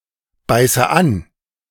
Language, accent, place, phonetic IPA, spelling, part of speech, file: German, Germany, Berlin, [ˌbaɪ̯sə ˈan], beiße an, verb, De-beiße an.ogg
- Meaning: inflection of anbeißen: 1. first-person singular present 2. first/third-person singular subjunctive I 3. singular imperative